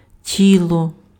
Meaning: body
- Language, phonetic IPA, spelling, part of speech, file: Ukrainian, [ˈtʲiɫɔ], тіло, noun, Uk-тіло.ogg